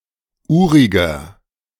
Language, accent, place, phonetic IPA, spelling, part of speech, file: German, Germany, Berlin, [ˈuːʁɪɡɐ], uriger, adjective, De-uriger.ogg
- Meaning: 1. comparative degree of urig 2. inflection of urig: strong/mixed nominative masculine singular 3. inflection of urig: strong genitive/dative feminine singular